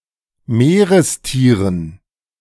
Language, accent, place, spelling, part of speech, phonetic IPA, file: German, Germany, Berlin, Meerestieren, noun, [ˈmeːʁəsˌtiːʁən], De-Meerestieren.ogg
- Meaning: dative plural of Meerestier